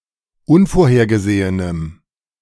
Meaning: strong dative masculine/neuter singular of unvorhergesehen
- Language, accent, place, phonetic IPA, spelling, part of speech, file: German, Germany, Berlin, [ˈʊnfoːɐ̯heːɐ̯ɡəˌzeːənəm], unvorhergesehenem, adjective, De-unvorhergesehenem.ogg